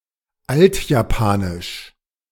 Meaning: Old Japanese (the Old Japanese language)
- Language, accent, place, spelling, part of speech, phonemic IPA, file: German, Germany, Berlin, Altjapanisch, proper noun, /ˈaltjaˌpaːnɪʃ/, De-Altjapanisch.ogg